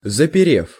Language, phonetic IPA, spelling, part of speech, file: Russian, [zəpʲɪˈrʲef], заперев, verb, Ru-заперев.ogg
- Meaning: short past adverbial perfective participle of запере́ть (zaperétʹ)